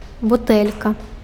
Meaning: bottle
- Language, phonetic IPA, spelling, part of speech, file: Belarusian, [buˈtɛlʲka], бутэлька, noun, Be-бутэлька.ogg